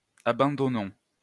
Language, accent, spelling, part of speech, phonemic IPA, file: French, France, abandonnons, verb, /a.bɑ̃.dɔ.nɔ̃/, LL-Q150 (fra)-abandonnons.wav
- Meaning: inflection of abandonner: 1. first-person plural present indicative 2. first-person plural imperative